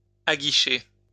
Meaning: to entice
- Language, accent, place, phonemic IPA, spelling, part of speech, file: French, France, Lyon, /a.ɡi.ʃe/, aguicher, verb, LL-Q150 (fra)-aguicher.wav